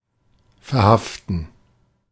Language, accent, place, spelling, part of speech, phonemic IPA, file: German, Germany, Berlin, verhaften, verb, /fɛɐ̯ˈhaftn̩/, De-verhaften.ogg
- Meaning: to stop moving and instead stick, or make or become bound (more or less literally or figuratively)